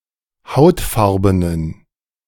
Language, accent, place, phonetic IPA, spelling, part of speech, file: German, Germany, Berlin, [ˈhaʊ̯tˌfaʁbənən], hautfarbenen, adjective, De-hautfarbenen.ogg
- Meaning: inflection of hautfarben: 1. strong genitive masculine/neuter singular 2. weak/mixed genitive/dative all-gender singular 3. strong/weak/mixed accusative masculine singular 4. strong dative plural